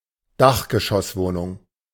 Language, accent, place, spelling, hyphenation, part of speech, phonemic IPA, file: German, Germany, Berlin, Dachgeschosswohnung, Dach‧ge‧schoss‧woh‧nung, noun, /ˈdaxɡəʃɔsˌvoːnʊŋ/, De-Dachgeschosswohnung.ogg
- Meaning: attic apartment, penthouse apartment